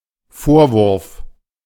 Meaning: 1. reproach 2. accusation
- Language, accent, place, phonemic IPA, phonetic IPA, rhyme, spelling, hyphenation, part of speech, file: German, Germany, Berlin, /ˈfoːʁˌvʊʁf/, [ˈfoːɐ̯ˌvʊɐ̯f], -ʊʁf, Vorwurf, Vor‧wurf, noun, De-Vorwurf.ogg